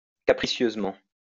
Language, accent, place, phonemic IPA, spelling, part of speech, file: French, France, Lyon, /ka.pʁi.sjøz.mɑ̃/, capricieusement, adverb, LL-Q150 (fra)-capricieusement.wav
- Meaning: capriciously